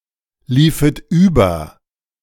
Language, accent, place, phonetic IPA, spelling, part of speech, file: German, Germany, Berlin, [ˌliːfət ˈyːbɐ], liefet über, verb, De-liefet über.ogg
- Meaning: second-person plural subjunctive II of überlaufen